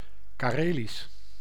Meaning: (adjective) 1. Karelian, in, from or otherwise relating to Karelia, its (Finnish) people and culture 2. in or relating to the Karelian language; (proper noun) the Karelian language
- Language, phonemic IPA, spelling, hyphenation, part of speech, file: Dutch, /kaːˈreːlis/, Karelisch, Ka‧re‧lisch, adjective / proper noun, Nl-Karelisch.ogg